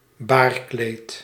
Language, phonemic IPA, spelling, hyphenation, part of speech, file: Dutch, /ˈbaːr.kleːt/, baarkleed, baar‧kleed, noun, Nl-baarkleed.ogg
- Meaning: pall, cloth laid over a coffin